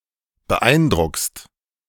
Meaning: second-person singular present of beeindrucken
- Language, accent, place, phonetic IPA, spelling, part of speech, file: German, Germany, Berlin, [bəˈʔaɪ̯nˌdʁʊkst], beeindruckst, verb, De-beeindruckst.ogg